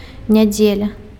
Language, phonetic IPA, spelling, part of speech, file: Belarusian, [nʲaˈd͡zʲelʲa], нядзеля, noun, Be-нядзеля.ogg
- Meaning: 1. Sunday 2. week